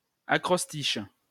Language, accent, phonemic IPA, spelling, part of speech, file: French, France, /a.kʁɔs.tiʃ/, acrostiche, noun, LL-Q150 (fra)-acrostiche.wav
- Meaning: acrostic (text in which certain letters spell out a name or message)